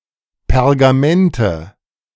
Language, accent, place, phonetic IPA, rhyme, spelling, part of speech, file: German, Germany, Berlin, [pɛʁɡaˈmɛntə], -ɛntə, Pergamente, noun, De-Pergamente.ogg
- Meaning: nominative/accusative/genitive plural of Pergament